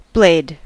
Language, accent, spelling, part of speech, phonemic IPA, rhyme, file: English, US, blade, noun / verb, /bleɪd/, -eɪd, En-us-blade.ogg
- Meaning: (noun) The (typically sharp-edged) part of a knife, sword, razor, or other tool with which it cuts